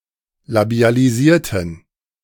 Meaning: inflection of labialisieren: 1. first/third-person plural preterite 2. first/third-person plural subjunctive II
- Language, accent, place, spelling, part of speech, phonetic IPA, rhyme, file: German, Germany, Berlin, labialisierten, adjective / verb, [labi̯aliˈziːɐ̯tn̩], -iːɐ̯tn̩, De-labialisierten.ogg